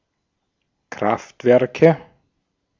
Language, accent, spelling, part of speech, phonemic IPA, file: German, Austria, Kraftwerke, noun, /ˈkʁaftvɛʁkə/, De-at-Kraftwerke.ogg
- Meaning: nominative/accusative/genitive plural of Kraftwerk